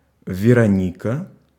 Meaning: a female given name from Ancient Greek, equivalent to English Veronica
- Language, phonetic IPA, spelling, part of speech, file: Russian, [vʲɪrɐˈnʲikə], Вероника, proper noun, Ru-Вероника.ogg